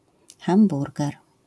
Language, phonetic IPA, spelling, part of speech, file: Polish, [xãmˈburɡɛr], hamburger, noun, LL-Q809 (pol)-hamburger.wav